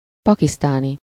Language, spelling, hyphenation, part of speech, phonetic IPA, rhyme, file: Hungarian, pakisztáni, pa‧kisz‧tá‧ni, adjective / noun, [ˈpɒkistaːni], -ni, Hu-pakisztáni.ogg
- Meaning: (adjective) Pakistani (of, from, or relating to Pakistan or its people); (noun) Pakistani (a person from Pakistan or of Pakistani descent)